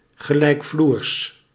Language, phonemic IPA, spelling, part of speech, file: Dutch, /ɣəlɛikˈflurs/, gelijkvloers, noun / adjective, Nl-gelijkvloers.ogg
- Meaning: at-grade